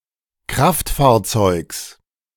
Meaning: genitive singular of Kraftfahrzeug
- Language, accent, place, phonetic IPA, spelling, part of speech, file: German, Germany, Berlin, [ˈkʁaftfaːɐ̯ˌt͡sɔɪ̯ks], Kraftfahrzeugs, noun, De-Kraftfahrzeugs.ogg